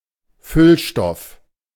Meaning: filler
- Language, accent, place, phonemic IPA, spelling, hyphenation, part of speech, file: German, Germany, Berlin, /ˈfʏlˌʃtɔf/, Füllstoff, Füll‧stoff, noun, De-Füllstoff.ogg